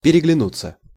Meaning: to exchange glances, to look at each other
- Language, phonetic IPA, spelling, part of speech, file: Russian, [pʲɪrʲɪɡlʲɪˈnut͡sːə], переглянуться, verb, Ru-переглянуться.ogg